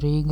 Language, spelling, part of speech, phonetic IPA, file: Latvian, Rīga, proper noun, [ˈɾīːɡa], Lv-Rīga.ogg
- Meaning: Riga (the capital city of Latvia)